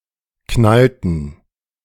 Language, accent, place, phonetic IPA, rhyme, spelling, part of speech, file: German, Germany, Berlin, [ˈknaltn̩], -altn̩, knallten, verb, De-knallten.ogg
- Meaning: inflection of knallen: 1. first/third-person plural preterite 2. first/third-person plural subjunctive II